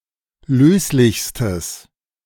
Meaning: strong/mixed nominative/accusative neuter singular superlative degree of löslich
- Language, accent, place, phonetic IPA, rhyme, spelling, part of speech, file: German, Germany, Berlin, [ˈløːslɪçstəs], -øːslɪçstəs, löslichstes, adjective, De-löslichstes.ogg